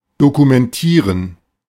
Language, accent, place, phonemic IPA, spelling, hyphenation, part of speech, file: German, Germany, Berlin, /dokumɛnˈtiːʁən/, dokumentieren, do‧ku‧men‧tie‧ren, verb, De-dokumentieren.ogg
- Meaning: to document